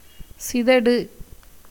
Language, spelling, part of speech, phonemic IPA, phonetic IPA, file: Tamil, சிதடு, noun, /tʃɪd̪ɐɖɯ/, [sɪd̪ɐɖɯ], Ta-சிதடு.ogg
- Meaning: 1. blindness 2. ignorance, folly 3. emptiness, hollowness